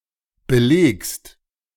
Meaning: second-person singular present of belegen
- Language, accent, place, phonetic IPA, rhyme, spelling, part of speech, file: German, Germany, Berlin, [bəˈleːkst], -eːkst, belegst, verb, De-belegst.ogg